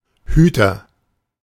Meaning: keeper, guardian
- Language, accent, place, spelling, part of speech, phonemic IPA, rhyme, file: German, Germany, Berlin, Hüter, noun, /ˈhyːtɐ/, -yːtɐ, De-Hüter.ogg